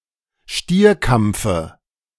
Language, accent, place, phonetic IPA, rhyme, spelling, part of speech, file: German, Germany, Berlin, [ˈʃtiːɐ̯ˌkamp͡fə], -iːɐ̯kamp͡fə, Stierkampfe, noun, De-Stierkampfe.ogg
- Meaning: dative of Stierkampf